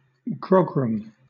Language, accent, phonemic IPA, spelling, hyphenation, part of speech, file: English, Southern England, /ˈɡɹɒɡɹəm/, grogram, gro‧gram, noun, LL-Q1860 (eng)-grogram.wav
- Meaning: 1. A strong, rough fabric made up of a mixture of silk, and mohair or wool 2. A garment made from this fabric